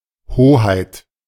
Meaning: 1. Highness 2. sovereignty, supremacy
- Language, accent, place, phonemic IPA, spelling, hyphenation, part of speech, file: German, Germany, Berlin, /ˈhoːhaɪ̯t/, Hoheit, Ho‧heit, noun, De-Hoheit.ogg